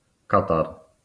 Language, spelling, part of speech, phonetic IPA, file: Polish, katar, noun, [ˈkatar], LL-Q809 (pol)-katar.wav